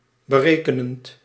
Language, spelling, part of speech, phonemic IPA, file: Dutch, berekenend, verb / adjective, /bəˈrekənənt/, Nl-berekenend.ogg
- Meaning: present participle of berekenen